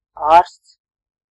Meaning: doctor, physician (a specialist with a medical education who treats patients)
- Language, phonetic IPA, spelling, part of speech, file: Latvian, [āːrsts], ārsts, noun, Lv-ārsts.ogg